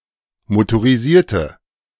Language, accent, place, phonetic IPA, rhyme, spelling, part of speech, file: German, Germany, Berlin, [motoʁiˈziːɐ̯tə], -iːɐ̯tə, motorisierte, adjective, De-motorisierte.ogg
- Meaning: inflection of motorisiert: 1. strong/mixed nominative/accusative feminine singular 2. strong nominative/accusative plural 3. weak nominative all-gender singular